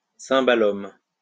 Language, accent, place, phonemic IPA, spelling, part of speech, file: French, France, Lyon, /sɛ̃.ba.lɔm/, cymbalum, noun, LL-Q150 (fra)-cymbalum.wav
- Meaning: cimbalom